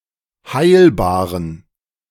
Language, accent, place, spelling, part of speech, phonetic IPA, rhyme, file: German, Germany, Berlin, heilbaren, adjective, [ˈhaɪ̯lbaːʁən], -aɪ̯lbaːʁən, De-heilbaren.ogg
- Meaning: inflection of heilbar: 1. strong genitive masculine/neuter singular 2. weak/mixed genitive/dative all-gender singular 3. strong/weak/mixed accusative masculine singular 4. strong dative plural